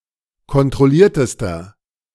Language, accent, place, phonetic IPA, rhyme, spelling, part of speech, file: German, Germany, Berlin, [kɔntʁɔˈliːɐ̯təstɐ], -iːɐ̯təstɐ, kontrolliertester, adjective, De-kontrolliertester.ogg
- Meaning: inflection of kontrolliert: 1. strong/mixed nominative masculine singular superlative degree 2. strong genitive/dative feminine singular superlative degree 3. strong genitive plural superlative degree